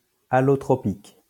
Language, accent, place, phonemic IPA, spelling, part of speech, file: French, France, Lyon, /a.lɔ.tʁɔ.pik/, allotropique, adjective, LL-Q150 (fra)-allotropique.wav
- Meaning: allotropic